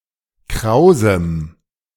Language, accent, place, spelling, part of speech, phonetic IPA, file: German, Germany, Berlin, krausem, adjective, [ˈkʁaʊ̯zm̩], De-krausem.ogg
- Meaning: strong dative masculine/neuter singular of kraus